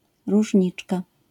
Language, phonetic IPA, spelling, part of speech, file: Polish, [ruʒʲˈɲit͡ʃka], różniczka, noun, LL-Q809 (pol)-różniczka.wav